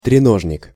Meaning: tripod (a three-legged stand or mount)
- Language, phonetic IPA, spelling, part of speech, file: Russian, [trʲɪˈnoʐnʲɪk], треножник, noun, Ru-треножник.ogg